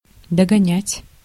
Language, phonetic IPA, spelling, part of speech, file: Russian, [dəɡɐˈnʲætʲ], догонять, verb, Ru-догонять.ogg
- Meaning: 1. to catch up, to overtake 2. to drive to, to bring to